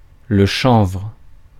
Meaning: hemp
- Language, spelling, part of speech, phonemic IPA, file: French, chanvre, noun, /ʃɑ̃vʁ/, Fr-chanvre.ogg